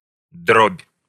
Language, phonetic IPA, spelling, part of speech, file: Russian, [dropʲ], дробь, noun, Ru-дробь.ogg
- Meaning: 1. fraction, broken number 2. small-shot, pellets, shot 3. drum roll 4. slash